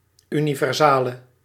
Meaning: universal
- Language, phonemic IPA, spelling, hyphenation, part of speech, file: Dutch, /ˌynivɛrˈzalə/, universale, uni‧ver‧sa‧le, noun, Nl-universale.ogg